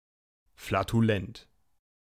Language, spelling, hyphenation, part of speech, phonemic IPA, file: German, flatulent, fla‧tu‧lent, adjective, /flatuˈlɛnt/, De-flatulent.ogg
- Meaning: flatulent